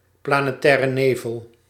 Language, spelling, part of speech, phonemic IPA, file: Dutch, planetaire nevel, noun, /plaː.neːˌtɛː.rə ˈneː.vəl/, Nl-planetaire nevel.ogg
- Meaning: planetary nebula